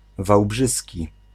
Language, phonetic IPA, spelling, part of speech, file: Polish, [vawˈbʒɨsʲci], wałbrzyski, adjective, Pl-wałbrzyski.ogg